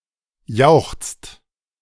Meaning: inflection of jauchzen: 1. second-person singular/plural present 2. third-person singular present 3. plural imperative
- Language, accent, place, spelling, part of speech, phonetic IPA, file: German, Germany, Berlin, jauchzt, verb, [jaʊ̯xt͡st], De-jauchzt.ogg